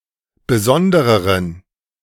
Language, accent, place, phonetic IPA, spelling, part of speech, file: German, Germany, Berlin, [bəˈzɔndəʁəʁən], besondereren, adjective, De-besondereren.ogg
- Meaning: inflection of besondere: 1. strong genitive masculine/neuter singular comparative degree 2. weak/mixed genitive/dative all-gender singular comparative degree